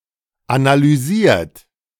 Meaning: 1. past participle of analysieren 2. inflection of analysieren: third-person singular present 3. inflection of analysieren: second-person plural present 4. inflection of analysieren: plural imperative
- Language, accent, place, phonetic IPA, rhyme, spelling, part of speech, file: German, Germany, Berlin, [analyˈziːɐ̯t], -iːɐ̯t, analysiert, verb, De-analysiert.ogg